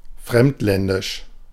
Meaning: exotic, foreign, alien
- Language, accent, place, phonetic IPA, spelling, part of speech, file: German, Germany, Berlin, [ˈfʁɛmtˌlɛndɪʃ], fremdländisch, adjective, De-fremdländisch.ogg